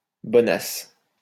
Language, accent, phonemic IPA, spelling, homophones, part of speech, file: French, France, /bɔ.nas/, bonasse, bonace / bonnasse, adjective, LL-Q150 (fra)-bonasse.wav
- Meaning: meek, easy-going, simple-minded